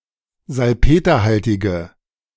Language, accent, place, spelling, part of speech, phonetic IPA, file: German, Germany, Berlin, salpeterhaltige, adjective, [zalˈpeːtɐˌhaltɪɡə], De-salpeterhaltige.ogg
- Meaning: inflection of salpeterhaltig: 1. strong/mixed nominative/accusative feminine singular 2. strong nominative/accusative plural 3. weak nominative all-gender singular